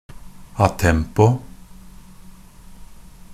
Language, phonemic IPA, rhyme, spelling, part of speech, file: Norwegian Bokmål, /aˈtɛmpɔ/, -ɛmpɔ, a tempo, adverb, NB - Pronunciation of Norwegian Bokmål «a tempo».ogg
- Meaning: 1. in time (with the music) 2. return to normal tempo from a deviation